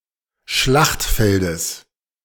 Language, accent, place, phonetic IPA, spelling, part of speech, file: German, Germany, Berlin, [ˈʃlaxtˌfɛldəs], Schlachtfeldes, noun, De-Schlachtfeldes.ogg
- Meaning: genitive singular of Schlachtfeld